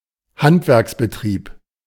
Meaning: craft business, craftsman's business
- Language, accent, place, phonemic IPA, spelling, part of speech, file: German, Germany, Berlin, /ˈhantvɛʁksbəˌtʁiːp/, Handwerksbetrieb, noun, De-Handwerksbetrieb.ogg